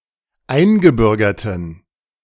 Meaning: inflection of eingebürgert: 1. strong genitive masculine/neuter singular 2. weak/mixed genitive/dative all-gender singular 3. strong/weak/mixed accusative masculine singular 4. strong dative plural
- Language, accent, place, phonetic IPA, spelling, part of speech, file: German, Germany, Berlin, [ˈaɪ̯nɡəˌbʏʁɡɐtn̩], eingebürgerten, adjective, De-eingebürgerten.ogg